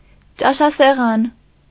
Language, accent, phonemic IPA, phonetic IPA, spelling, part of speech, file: Armenian, Eastern Armenian, /t͡ʃɑʃɑseˈʁɑn/, [t͡ʃɑʃɑseʁɑ́n], ճաշասեղան, noun, Hy-ճաշասեղան.ogg
- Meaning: dining-room table, dinner table, dining table